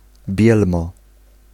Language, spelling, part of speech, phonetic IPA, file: Polish, bielmo, noun, [ˈbʲjɛlmɔ], Pl-bielmo.ogg